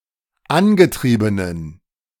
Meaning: inflection of angetrieben: 1. strong genitive masculine/neuter singular 2. weak/mixed genitive/dative all-gender singular 3. strong/weak/mixed accusative masculine singular 4. strong dative plural
- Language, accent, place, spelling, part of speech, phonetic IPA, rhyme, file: German, Germany, Berlin, angetriebenen, adjective, [ˈanɡəˌtʁiːbənən], -anɡətʁiːbənən, De-angetriebenen.ogg